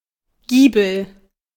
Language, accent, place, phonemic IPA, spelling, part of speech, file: German, Germany, Berlin, /ˈɡiːbl̩/, Giebel, noun, De-Giebel.ogg
- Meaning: gable